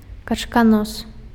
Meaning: platypus (Ornithorhynchus anatinus)
- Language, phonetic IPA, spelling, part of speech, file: Belarusian, [kat͡ʂkaˈnos], качканос, noun, Be-качканос.ogg